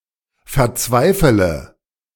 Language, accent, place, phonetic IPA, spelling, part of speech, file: German, Germany, Berlin, [fɛɐ̯ˈt͡svaɪ̯fələ], verzweifele, verb, De-verzweifele.ogg
- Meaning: inflection of verzweifeln: 1. first-person singular present 2. first/third-person singular subjunctive I 3. singular imperative